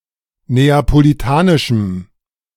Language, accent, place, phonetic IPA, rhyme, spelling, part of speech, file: German, Germany, Berlin, [ˌneːapoliˈtaːnɪʃm̩], -aːnɪʃm̩, neapolitanischem, adjective, De-neapolitanischem.ogg
- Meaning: strong dative masculine/neuter singular of neapolitanisch